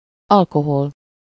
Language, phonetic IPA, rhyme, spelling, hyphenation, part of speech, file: Hungarian, [ˈɒlkohol], -ol, alkohol, al‧ko‧hol, noun, Hu-alkohol.ogg
- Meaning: 1. alcohol (an organic compound) 2. alcohol (an intoxicating beverage)